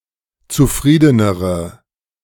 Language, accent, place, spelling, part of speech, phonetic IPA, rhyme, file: German, Germany, Berlin, zufriedenere, adjective, [t͡suˈfʁiːdənəʁə], -iːdənəʁə, De-zufriedenere.ogg
- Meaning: inflection of zufrieden: 1. strong/mixed nominative/accusative feminine singular comparative degree 2. strong nominative/accusative plural comparative degree